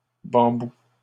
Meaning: plural of bambou
- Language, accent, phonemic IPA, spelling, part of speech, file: French, Canada, /bɑ̃.bu/, bambous, noun, LL-Q150 (fra)-bambous.wav